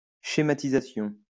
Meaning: 1. schematization 2. mapping
- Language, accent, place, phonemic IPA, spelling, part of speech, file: French, France, Lyon, /ʃe.ma.ti.za.sjɔ̃/, schématisation, noun, LL-Q150 (fra)-schématisation.wav